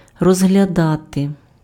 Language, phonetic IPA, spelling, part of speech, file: Ukrainian, [rɔzɦlʲɐˈdate], розглядати, verb, Uk-розглядати.ogg
- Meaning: 1. to examine, to look at, to look into, to consider, to review, to scrutinize 2. to consider, to regard, to view